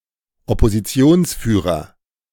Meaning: Leader of the Opposition
- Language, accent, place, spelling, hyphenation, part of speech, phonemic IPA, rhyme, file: German, Germany, Berlin, Oppositionsführer, Op‧po‧si‧ti‧ons‧füh‧rer, noun, /ɔpoziˈt͡si̯oːnsˌfyːʁɐ/, -yːʁɐ, De-Oppositionsführer.ogg